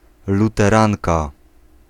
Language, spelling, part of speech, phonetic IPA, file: Polish, luteranka, noun, [ˌlutɛˈrãnka], Pl-luteranka.ogg